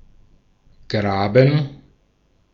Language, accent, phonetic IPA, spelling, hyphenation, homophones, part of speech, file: German, Austria, [ˈɡʁaːbɱ̩], graben, gra‧ben, Graben, verb, De-at-graben.ogg
- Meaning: 1. to dig 2. to burrow